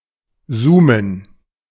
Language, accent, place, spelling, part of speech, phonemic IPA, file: German, Germany, Berlin, zoomen, verb, /ˈzuːmən/, De-zoomen.ogg
- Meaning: to zoom